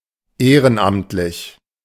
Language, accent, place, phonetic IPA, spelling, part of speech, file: German, Germany, Berlin, [ˈeːʁənˌʔamtlɪç], ehrenamtlich, adjective, De-ehrenamtlich.ogg
- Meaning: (adjective) 1. voluntary (working without pay) 2. honorary; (adverb) voluntarily